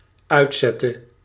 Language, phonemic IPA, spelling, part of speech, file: Dutch, /ˈœy̯tˌsɛtə/, uitzette, verb, Nl-uitzette.ogg
- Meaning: inflection of uitzetten: 1. singular dependent-clause past indicative 2. singular dependent-clause past/present subjunctive